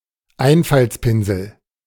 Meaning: simpleton
- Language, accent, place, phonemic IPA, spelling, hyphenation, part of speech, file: German, Germany, Berlin, /ˈaɪ̯nfalt͡spɪnzl̩/, Einfaltspinsel, Ein‧falts‧pin‧sel, noun, De-Einfaltspinsel.ogg